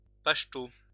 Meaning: the Pashto language
- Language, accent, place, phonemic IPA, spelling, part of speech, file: French, France, Lyon, /paʃ.to/, pachto, noun, LL-Q150 (fra)-pachto.wav